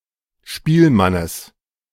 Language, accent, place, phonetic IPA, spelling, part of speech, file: German, Germany, Berlin, [ˈʃpiːlˌmanəs], Spielmannes, noun, De-Spielmannes.ogg
- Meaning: genitive of Spielmann